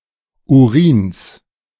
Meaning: genitive of Urin
- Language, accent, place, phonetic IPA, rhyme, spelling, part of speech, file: German, Germany, Berlin, [uˈʁiːns], -iːns, Urins, noun, De-Urins.ogg